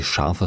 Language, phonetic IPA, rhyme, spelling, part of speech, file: German, [ˈʃaʁfə], -aʁfə, scharfe, adjective, De-scharfe.ogg
- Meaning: inflection of scharf: 1. strong/mixed nominative/accusative feminine singular 2. strong nominative/accusative plural 3. weak nominative all-gender singular 4. weak accusative feminine/neuter singular